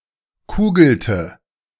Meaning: inflection of kugeln: 1. first/third-person singular preterite 2. first/third-person singular subjunctive II
- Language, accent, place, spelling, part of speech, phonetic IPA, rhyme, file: German, Germany, Berlin, kugelte, verb, [ˈkuːɡl̩tə], -uːɡl̩tə, De-kugelte.ogg